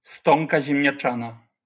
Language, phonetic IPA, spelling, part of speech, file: Polish, [ˈstɔ̃nka ˌʑɛ̃mʲɲaˈt͡ʃãna], stonka ziemniaczana, noun, LL-Q809 (pol)-stonka ziemniaczana.wav